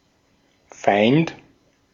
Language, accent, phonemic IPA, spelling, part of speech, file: German, Austria, /faɪ̯nt/, Feind, noun, De-at-Feind.ogg
- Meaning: enemy, fiend, foe (male or of unspecified gender)